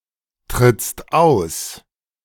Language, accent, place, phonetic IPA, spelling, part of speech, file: German, Germany, Berlin, [tʁɪt͡st ˈaʊ̯s], trittst aus, verb, De-trittst aus.ogg
- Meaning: second-person singular present of austreten